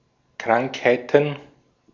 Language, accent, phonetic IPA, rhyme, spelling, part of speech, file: German, Austria, [ˈkʁaŋkhaɪ̯tn̩], -aŋkhaɪ̯tn̩, Krankheiten, noun, De-at-Krankheiten.ogg
- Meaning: plural of Krankheit